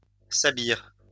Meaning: lingua franca, sabir
- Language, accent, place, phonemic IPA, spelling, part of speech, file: French, France, Lyon, /sa.biʁ/, sabir, noun, LL-Q150 (fra)-sabir.wav